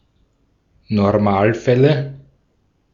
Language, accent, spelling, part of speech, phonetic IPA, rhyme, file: German, Austria, Normalfälle, noun, [nɔʁˈmaːlˌfɛlə], -aːlfɛlə, De-at-Normalfälle.ogg
- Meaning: nominative/accusative/genitive plural of Normalfall